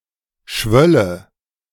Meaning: first/third-person singular subjunctive II of schwellen
- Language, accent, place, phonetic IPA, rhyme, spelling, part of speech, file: German, Germany, Berlin, [ˈʃvœlə], -œlə, schwölle, verb, De-schwölle.ogg